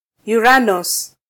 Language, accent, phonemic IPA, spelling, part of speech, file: Swahili, Kenya, /uˈɾɑ.nus/, Uranus, proper noun, Sw-ke-Uranus.flac
- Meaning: Uranus (planet)